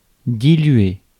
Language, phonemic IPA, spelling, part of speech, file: French, /di.lɥe/, diluer, verb, Fr-diluer.ogg
- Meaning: to dilute